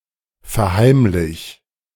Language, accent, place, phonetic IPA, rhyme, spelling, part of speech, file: German, Germany, Berlin, [fɛɐ̯ˈhaɪ̯mlɪç], -aɪ̯mlɪç, verheimlich, verb, De-verheimlich.ogg
- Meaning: 1. singular imperative of verheimlichen 2. first-person singular present of verheimlichen